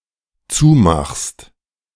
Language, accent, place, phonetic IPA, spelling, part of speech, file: German, Germany, Berlin, [ˈt͡suːˌmaxst], zumachst, verb, De-zumachst.ogg
- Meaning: second-person singular dependent present of zumachen